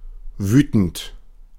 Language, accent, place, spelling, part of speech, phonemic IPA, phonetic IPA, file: German, Germany, Berlin, wütend, verb / adjective / adverb, /ˈvyːtənt/, [ˈvyːtn̩t], De-wütend.ogg
- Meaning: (verb) present participle of wüten; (adjective) furious, angry; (adverb) angrily, furiously